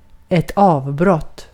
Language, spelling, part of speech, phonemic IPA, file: Swedish, avbrott, noun, /ˌɑːvˈbrɔtː/, Sv-avbrott.ogg
- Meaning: an interruption, a break